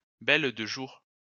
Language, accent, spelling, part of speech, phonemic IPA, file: French, France, belle-de-jour, noun, /bɛl.də.ʒuʁ/, LL-Q150 (fra)-belle-de-jour.wav
- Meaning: a cultivated species of bindweed, Convolvulus tricolor whose flowers are only open for a day